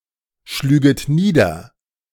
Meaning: second-person plural subjunctive II of niederschlagen
- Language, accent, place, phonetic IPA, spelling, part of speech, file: German, Germany, Berlin, [ˌʃlyːɡət ˈniːdɐ], schlüget nieder, verb, De-schlüget nieder.ogg